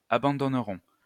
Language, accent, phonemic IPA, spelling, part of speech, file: French, France, /a.bɑ̃.dɔn.ʁɔ̃/, abandonneront, verb, LL-Q150 (fra)-abandonneront.wav
- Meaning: third-person plural future of abandonner